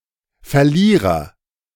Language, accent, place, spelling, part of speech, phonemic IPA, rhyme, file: German, Germany, Berlin, Verlierer, noun, /fɛɐ̯ˈliːʁɐ/, -iːʁɐ, De-Verlierer.ogg
- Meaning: agent noun of verlieren; loser